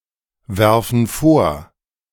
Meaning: inflection of vorwerfen: 1. first/third-person plural present 2. first/third-person plural subjunctive I
- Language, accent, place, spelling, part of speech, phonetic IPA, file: German, Germany, Berlin, werfen vor, verb, [ˌvɛʁfn̩ ˈfoːɐ̯], De-werfen vor.ogg